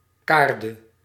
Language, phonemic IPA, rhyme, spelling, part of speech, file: Dutch, /ˈkaːr.də/, -aːrdə, kaarde, noun / verb, Nl-kaarde.ogg
- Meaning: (noun) 1. synonym of kaardenbol (“teasel, plant of genus Dipsacus”) 2. synonym of wolkam (“instrument for combing natural fibers”); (verb) singular present subjunctive of kaarden